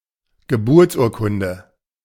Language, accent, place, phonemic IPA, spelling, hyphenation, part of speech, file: German, Germany, Berlin, /ɡəˈbʊʁt͡sˌʔuːɐ̯kʊndə/, Geburtsurkunde, Ge‧burts‧ur‧kun‧de, noun, De-Geburtsurkunde.ogg
- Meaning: birth certificate